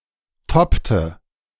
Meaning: inflection of toppen: 1. first/third-person singular preterite 2. first/third-person singular subjunctive II
- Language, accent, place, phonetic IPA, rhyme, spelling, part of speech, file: German, Germany, Berlin, [ˈtɔptə], -ɔptə, toppte, verb, De-toppte.ogg